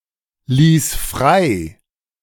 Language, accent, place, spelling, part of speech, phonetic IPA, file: German, Germany, Berlin, ließ frei, verb, [ˌliːs ˈfʁaɪ̯], De-ließ frei.ogg
- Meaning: first/third-person singular preterite of freilassen